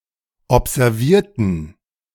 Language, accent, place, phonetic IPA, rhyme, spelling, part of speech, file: German, Germany, Berlin, [ɔpzɛʁˈviːɐ̯tn̩], -iːɐ̯tn̩, observierten, adjective / verb, De-observierten.ogg
- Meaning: inflection of observieren: 1. first/third-person plural preterite 2. first/third-person plural subjunctive II